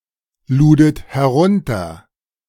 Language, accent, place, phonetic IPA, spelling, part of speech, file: German, Germany, Berlin, [ˌluːdət hɛˈʁʊntɐ], ludet herunter, verb, De-ludet herunter.ogg
- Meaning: second-person plural preterite of herunterladen